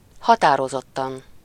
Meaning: definitely, decidedly, expressly
- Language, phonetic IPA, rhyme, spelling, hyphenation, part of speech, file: Hungarian, [ˈhɒtaːrozotːɒn], -ɒn, határozottan, ha‧tá‧ro‧zot‧tan, adverb, Hu-határozottan.ogg